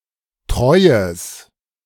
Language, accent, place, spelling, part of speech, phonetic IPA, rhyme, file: German, Germany, Berlin, treues, adjective, [ˈtʁɔɪ̯əs], -ɔɪ̯əs, De-treues.ogg
- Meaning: strong/mixed nominative/accusative neuter singular of treu